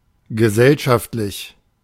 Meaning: social (of or pertaining to society)
- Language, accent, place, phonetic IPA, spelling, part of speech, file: German, Germany, Berlin, [ɡəˈzɛlʃaftlɪç], gesellschaftlich, adjective, De-gesellschaftlich.ogg